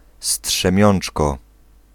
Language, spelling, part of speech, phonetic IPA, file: Polish, strzemiączko, noun, [sṭʃɛ̃ˈmʲjɔ̃n͇t͡ʃkɔ], Pl-strzemiączko.ogg